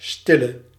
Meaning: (noun) 1. silent person, who rarely speaks 2. undercover agent (male only); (adjective) inflection of stil: 1. masculine/feminine singular attributive 2. definite neuter singular attributive
- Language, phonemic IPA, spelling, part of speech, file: Dutch, /ˈstɪlə/, stille, adjective / noun / verb, Nl-stille.ogg